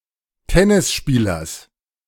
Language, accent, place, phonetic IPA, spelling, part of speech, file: German, Germany, Berlin, [ˈtɛnɪsˌʃpiːlɐs], Tennisspielers, noun, De-Tennisspielers.ogg
- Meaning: genitive of Tennisspieler